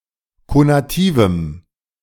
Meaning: strong dative masculine/neuter singular of konativ
- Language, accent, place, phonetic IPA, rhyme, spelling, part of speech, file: German, Germany, Berlin, [konaˈtiːvm̩], -iːvm̩, konativem, adjective, De-konativem.ogg